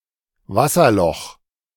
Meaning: waterhole
- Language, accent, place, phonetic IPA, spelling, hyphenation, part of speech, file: German, Germany, Berlin, [ˈvasɐˌlɔx], Wasserloch, Was‧ser‧loch, noun, De-Wasserloch.ogg